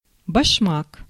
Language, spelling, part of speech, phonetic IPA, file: Russian, башмак, noun, [bɐʂˈmak], Ru-башмак.ogg
- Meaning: 1. shoe 2. boot 3. chock